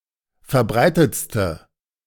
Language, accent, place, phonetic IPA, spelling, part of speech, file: German, Germany, Berlin, [fɛɐ̯ˈbʁaɪ̯tət͡stə], verbreitetste, adjective, De-verbreitetste.ogg
- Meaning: inflection of verbreitet: 1. strong/mixed nominative/accusative feminine singular superlative degree 2. strong nominative/accusative plural superlative degree